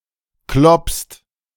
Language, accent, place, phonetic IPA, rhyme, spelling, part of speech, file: German, Germany, Berlin, [klɔpst], -ɔpst, kloppst, verb, De-kloppst.ogg
- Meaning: second-person singular present of kloppen